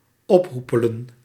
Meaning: to get lost, to go away, to piss off
- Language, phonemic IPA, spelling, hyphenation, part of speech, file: Dutch, /ˈɔpˌɦupələ(n)/, ophoepelen, op‧hoe‧pe‧len, verb, Nl-ophoepelen.ogg